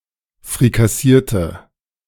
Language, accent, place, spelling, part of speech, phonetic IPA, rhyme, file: German, Germany, Berlin, frikassierte, adjective / verb, [fʁikaˈsiːɐ̯tə], -iːɐ̯tə, De-frikassierte.ogg
- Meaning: inflection of frikassieren: 1. first/third-person singular preterite 2. first/third-person singular subjunctive II